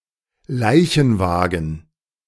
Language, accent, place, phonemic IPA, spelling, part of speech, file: German, Germany, Berlin, /ˈlaɪ̯çn̩ˌvaːɡn̩/, Leichenwagen, noun, De-Leichenwagen.ogg
- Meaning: hearse